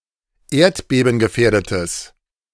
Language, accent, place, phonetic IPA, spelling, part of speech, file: German, Germany, Berlin, [ˈeːɐ̯tbeːbn̩ɡəˌfɛːɐ̯dətəs], erdbebengefährdetes, adjective, De-erdbebengefährdetes.ogg
- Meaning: strong/mixed nominative/accusative neuter singular of erdbebengefährdet